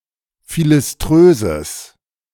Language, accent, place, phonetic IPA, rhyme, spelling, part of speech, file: German, Germany, Berlin, [ˌfilɪsˈtʁøːzəs], -øːzəs, philiströses, adjective, De-philiströses.ogg
- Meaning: strong/mixed nominative/accusative neuter singular of philiströs